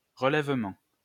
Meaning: 1. recovery 2. raising 3. restoring 4. bearing
- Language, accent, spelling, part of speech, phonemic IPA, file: French, France, relèvement, noun, /ʁə.lɛv.mɑ̃/, LL-Q150 (fra)-relèvement.wav